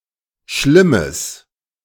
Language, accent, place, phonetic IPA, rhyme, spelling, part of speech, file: German, Germany, Berlin, [ˈʃlɪməs], -ɪməs, schlimmes, adjective, De-schlimmes.ogg
- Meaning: strong/mixed nominative/accusative neuter singular of schlimm